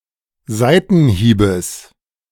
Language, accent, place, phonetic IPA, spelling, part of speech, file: German, Germany, Berlin, [ˈzaɪ̯tn̩ˌhiːbəs], Seitenhiebes, noun, De-Seitenhiebes.ogg
- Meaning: genitive singular of Seitenhieb